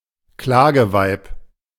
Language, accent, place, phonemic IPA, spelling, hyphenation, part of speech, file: German, Germany, Berlin, /ˈklaːɡəˌvaɪ̯p/, Klageweib, Kla‧ge‧weib, noun, De-Klageweib.ogg
- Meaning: female professional mourner